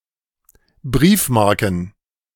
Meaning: plural of Briefmarke
- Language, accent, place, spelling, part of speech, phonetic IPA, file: German, Germany, Berlin, Briefmarken, noun, [ˈbʁiːfˌmaʁkn̩], De-Briefmarken.ogg